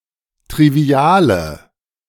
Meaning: inflection of trivial: 1. strong/mixed nominative/accusative feminine singular 2. strong nominative/accusative plural 3. weak nominative all-gender singular 4. weak accusative feminine/neuter singular
- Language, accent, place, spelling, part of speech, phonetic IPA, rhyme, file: German, Germany, Berlin, triviale, adjective, [tʁiˈvi̯aːlə], -aːlə, De-triviale.ogg